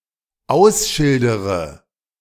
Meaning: inflection of ausschildern: 1. first-person singular dependent present 2. first/third-person singular dependent subjunctive I
- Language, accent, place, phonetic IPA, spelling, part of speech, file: German, Germany, Berlin, [ˈaʊ̯sˌʃɪldəʁə], ausschildere, verb, De-ausschildere.ogg